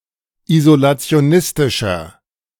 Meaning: 1. comparative degree of isolationistisch 2. inflection of isolationistisch: strong/mixed nominative masculine singular 3. inflection of isolationistisch: strong genitive/dative feminine singular
- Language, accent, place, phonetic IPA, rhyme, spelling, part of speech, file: German, Germany, Berlin, [izolat͡si̯oˈnɪstɪʃɐ], -ɪstɪʃɐ, isolationistischer, adjective, De-isolationistischer.ogg